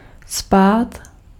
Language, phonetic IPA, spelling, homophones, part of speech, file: Czech, [ˈspaːt], spád, spát, noun, Cs-spád.ogg
- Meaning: 1. slope, descent, gradient 2. briskness, snappiness